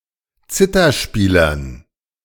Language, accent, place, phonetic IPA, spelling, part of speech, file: German, Germany, Berlin, [ˈt͡sɪtɐˌʃpiːlɐn], Zitherspielern, noun, De-Zitherspielern.ogg
- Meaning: dative plural of Zitherspieler